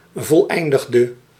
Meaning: inflection of voleindigen: 1. singular past indicative 2. singular past subjunctive
- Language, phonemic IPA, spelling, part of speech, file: Dutch, /vɔlˈɛindəɣdə/, voleindigde, verb, Nl-voleindigde.ogg